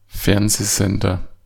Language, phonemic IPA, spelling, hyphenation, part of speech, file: German, /ˈfɛʁnzeːˌzɛndɐ/, Fernsehsender, Fern‧seh‧sen‧der, noun, De-Fernsehsender.ogg
- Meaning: TV station, television station